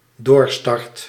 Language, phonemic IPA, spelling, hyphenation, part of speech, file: Dutch, /ˈdoːr.stɑrt/, doorstart, door‧start, noun, Nl-doorstart.ogg
- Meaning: 1. go-around 2. second beginning (of a company after bankruptcy)